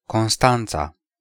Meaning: 1. Constanța (the capital city of Constanța County, Romania) 2. a county of Romania 3. a female given name, equivalent to English Constance
- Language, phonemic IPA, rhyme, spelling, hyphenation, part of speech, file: Romanian, /konˈstan.t͡sa/, -ant͡sa, Constanța, Cons‧tan‧ța, proper noun, Ro-Constanța.ogg